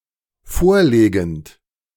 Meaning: present participle of vorlegen
- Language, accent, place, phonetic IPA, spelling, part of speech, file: German, Germany, Berlin, [ˈfoːɐ̯ˌleːɡn̩t], vorlegend, verb, De-vorlegend.ogg